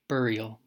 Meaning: The act of burying; interment; placing remains into the earth
- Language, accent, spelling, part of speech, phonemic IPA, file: English, US, burial, noun, /ˈbɝi.əl/, En-us-burial.ogg